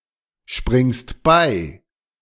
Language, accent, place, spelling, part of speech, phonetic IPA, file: German, Germany, Berlin, springst bei, verb, [ˌʃpʁɪŋst ˈbaɪ̯], De-springst bei.ogg
- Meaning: second-person singular present of beispringen